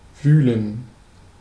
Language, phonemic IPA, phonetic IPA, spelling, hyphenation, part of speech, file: German, /ˈvyːlən/, [ˈvyːl̩n], wühlen, wüh‧len, verb, De-wühlen.ogg
- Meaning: 1. to rummage, to grub 2. to dig, to burrow, to tunnel 3. to agitate